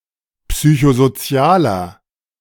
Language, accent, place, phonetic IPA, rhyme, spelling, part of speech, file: German, Germany, Berlin, [ˌpsyçozoˈt͡si̯aːlɐ], -aːlɐ, psychosozialer, adjective, De-psychosozialer.ogg
- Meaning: inflection of psychosozial: 1. strong/mixed nominative masculine singular 2. strong genitive/dative feminine singular 3. strong genitive plural